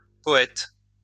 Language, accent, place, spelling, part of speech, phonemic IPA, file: French, France, Lyon, poètes, noun, /pɔ.ɛt/, LL-Q150 (fra)-poètes.wav
- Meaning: plural of poète